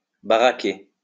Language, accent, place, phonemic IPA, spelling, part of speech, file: French, France, Lyon, /ba.ʁa.ke/, baraquer, verb, LL-Q150 (fra)-baraquer.wav
- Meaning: to billet (troops)